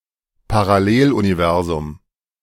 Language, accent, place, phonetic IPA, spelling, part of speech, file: German, Germany, Berlin, [paʁaˈleːlʔuniˌvɛʁzʊm], Paralleluniversum, noun, De-Paralleluniversum.ogg
- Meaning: parallel universe